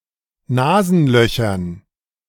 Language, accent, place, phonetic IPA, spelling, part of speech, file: German, Germany, Berlin, [ˈnaːzn̩ˌlœçɐn], Nasenlöchern, noun, De-Nasenlöchern.ogg
- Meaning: dative plural of Nasenloch